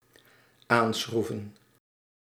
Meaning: to tighten with screws, to tighten (a screw); to screw more tightly
- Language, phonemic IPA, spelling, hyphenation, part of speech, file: Dutch, /ˈaːnˌsxru.və(n)/, aanschroeven, aan‧schroe‧ven, verb, Nl-aanschroeven.ogg